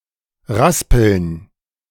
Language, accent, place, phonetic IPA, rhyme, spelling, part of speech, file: German, Germany, Berlin, [ˈʁaspl̩n], -aspl̩n, Raspeln, noun, De-Raspeln.ogg
- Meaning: plural of Raspel